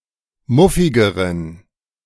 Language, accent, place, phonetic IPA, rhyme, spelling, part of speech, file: German, Germany, Berlin, [ˈmʊfɪɡəʁən], -ʊfɪɡəʁən, muffigeren, adjective, De-muffigeren.ogg
- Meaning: inflection of muffig: 1. strong genitive masculine/neuter singular comparative degree 2. weak/mixed genitive/dative all-gender singular comparative degree